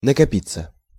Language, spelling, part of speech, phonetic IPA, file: Russian, накопиться, verb, [nəkɐˈpʲit͡sːə], Ru-накопиться.ogg
- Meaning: 1. to accumulate, to gather, to amass 2. passive of накопи́ть (nakopítʹ)